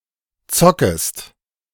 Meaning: second-person singular subjunctive I of zocken
- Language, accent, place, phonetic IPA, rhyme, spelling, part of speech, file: German, Germany, Berlin, [ˈt͡sɔkəst], -ɔkəst, zockest, verb, De-zockest.ogg